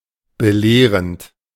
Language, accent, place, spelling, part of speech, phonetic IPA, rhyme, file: German, Germany, Berlin, belehrend, adjective / verb, [bəˈleːʁənt], -eːʁənt, De-belehrend.ogg
- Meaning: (verb) present participle of belehren (“to instruct, to teach”); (adjective) instructive, instructional (serving to teach information, typically a specific lesson)